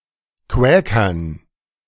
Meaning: dative plural of Quäker
- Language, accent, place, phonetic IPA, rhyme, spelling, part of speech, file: German, Germany, Berlin, [ˈkvɛːkɐn], -ɛːkɐn, Quäkern, noun, De-Quäkern.ogg